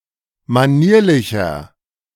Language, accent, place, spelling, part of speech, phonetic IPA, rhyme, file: German, Germany, Berlin, manierlicher, adjective, [maˈniːɐ̯lɪçɐ], -iːɐ̯lɪçɐ, De-manierlicher.ogg
- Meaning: 1. comparative degree of manierlich 2. inflection of manierlich: strong/mixed nominative masculine singular 3. inflection of manierlich: strong genitive/dative feminine singular